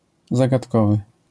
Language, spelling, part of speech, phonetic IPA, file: Polish, zagadkowy, adjective, [ˌzaɡatˈkɔvɨ], LL-Q809 (pol)-zagadkowy.wav